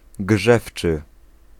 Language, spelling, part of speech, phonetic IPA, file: Polish, grzewczy, adjective, [ˈɡʒɛft͡ʃɨ], Pl-grzewczy.ogg